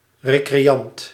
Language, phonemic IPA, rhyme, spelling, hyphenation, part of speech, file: Dutch, /ˌreː.kreːˈɑnt/, -ɑnt, recreant, re‧cre‧ant, noun, Nl-recreant.ogg
- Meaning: someone who practices or enjoys recreation